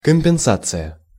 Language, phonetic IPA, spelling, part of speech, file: Russian, [kəm⁽ʲ⁾pʲɪnˈsat͡sɨjə], компенсация, noun, Ru-компенсация.ogg
- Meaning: compensation